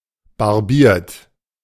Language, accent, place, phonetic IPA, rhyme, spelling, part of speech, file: German, Germany, Berlin, [baʁˈbiːɐ̯t], -iːɐ̯t, barbiert, verb, De-barbiert.ogg
- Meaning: 1. past participle of barbieren 2. inflection of barbieren: second-person plural present 3. inflection of barbieren: third-person singular present 4. inflection of barbieren: plural imperative